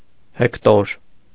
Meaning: Hector
- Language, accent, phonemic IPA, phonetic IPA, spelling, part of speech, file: Armenian, Eastern Armenian, /hekˈtoɾ/, [hektóɾ], Հեկտոր, proper noun, Hy-Հեկտոր.ogg